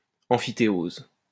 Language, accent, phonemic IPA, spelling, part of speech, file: French, France, /ɑ̃.fi.te.oz/, emphytéose, noun, LL-Q150 (fra)-emphytéose.wav
- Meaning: emphyteusis